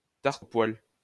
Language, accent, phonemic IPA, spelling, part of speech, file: French, France, /taʁ.t‿o pwal/, tarte aux poils, noun, LL-Q150 (fra)-tarte aux poils.wav
- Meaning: hair pie, fur pie, fur burger, bearded clam, pussy (vulva)